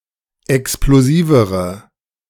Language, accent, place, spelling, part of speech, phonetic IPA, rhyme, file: German, Germany, Berlin, explosivere, adjective, [ɛksploˈziːvəʁə], -iːvəʁə, De-explosivere.ogg
- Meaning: inflection of explosiv: 1. strong/mixed nominative/accusative feminine singular comparative degree 2. strong nominative/accusative plural comparative degree